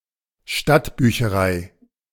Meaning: town library, city library
- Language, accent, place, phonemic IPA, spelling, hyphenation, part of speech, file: German, Germany, Berlin, /ˈʃtatˌbyːçəʁaɪ̯/, Stadtbücherei, Stadt‧bü‧che‧rei, noun, De-Stadtbücherei.ogg